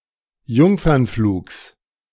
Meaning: genitive of Jungfernflug
- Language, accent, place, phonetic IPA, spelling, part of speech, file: German, Germany, Berlin, [ˈjʊŋfɐnˌfluːks], Jungfernflugs, noun, De-Jungfernflugs.ogg